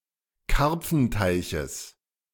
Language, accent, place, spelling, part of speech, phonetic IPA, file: German, Germany, Berlin, Karpfenteiches, noun, [ˈkaʁp͡fn̩taɪ̯çəs], De-Karpfenteiches.ogg
- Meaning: genitive of Karpfenteich